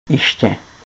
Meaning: noun suffix used to denote a place, similar e.g. to -ery
- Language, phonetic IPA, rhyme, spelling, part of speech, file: Czech, [ ɪʃcɛ], -ɪʃcɛ, -iště, suffix, Cs-iště.ogg